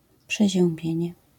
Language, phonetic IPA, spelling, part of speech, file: Polish, [ˌpʃɛʑɛ̃mˈbʲjɛ̇̃ɲɛ], przeziębienie, noun, LL-Q809 (pol)-przeziębienie.wav